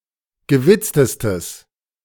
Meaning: strong/mixed nominative/accusative neuter singular superlative degree of gewitzt
- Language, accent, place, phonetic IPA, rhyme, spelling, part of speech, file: German, Germany, Berlin, [ɡəˈvɪt͡stəstəs], -ɪt͡stəstəs, gewitztestes, adjective, De-gewitztestes.ogg